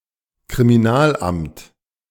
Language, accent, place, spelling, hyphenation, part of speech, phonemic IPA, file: German, Germany, Berlin, Kriminalamt, Kri‧mi‧nal‧amt, noun, /kʁimiˈnaːlˌʔamt/, De-Kriminalamt.ogg
- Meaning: office of criminal investigations